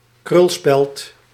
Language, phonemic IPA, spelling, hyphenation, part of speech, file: Dutch, /ˈkrʏl.spɛlt/, krulspeld, krul‧speld, noun, Nl-krulspeld.ogg
- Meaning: a curler, a roller (tube used to curl hair)